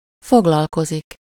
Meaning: 1. to work, do (for a living; used with -val/-vel) 2. to study, specialize in something (used with -val/-vel) 3. to cover, discuss, treat, deal with some topic or subject (used with -val/-vel)
- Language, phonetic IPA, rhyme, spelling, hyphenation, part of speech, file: Hungarian, [ˈfoɡlɒlkozik], -ozik, foglalkozik, fog‧lal‧ko‧zik, verb, Hu-foglalkozik.ogg